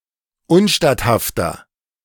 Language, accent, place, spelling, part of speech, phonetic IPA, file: German, Germany, Berlin, unstatthafter, adjective, [ˈʊnˌʃtathaftɐ], De-unstatthafter.ogg
- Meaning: inflection of unstatthaft: 1. strong/mixed nominative masculine singular 2. strong genitive/dative feminine singular 3. strong genitive plural